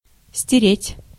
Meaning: 1. to wipe, to erase, to efface 2. to rub raw
- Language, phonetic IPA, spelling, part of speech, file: Russian, [sʲtʲɪˈrʲetʲ], стереть, verb, Ru-стереть.ogg